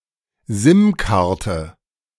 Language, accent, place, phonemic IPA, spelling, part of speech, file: German, Germany, Berlin, /ˈzɪmˌkartə/, SIM-Karte, noun, De-SIM-Karte.ogg
- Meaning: SIM card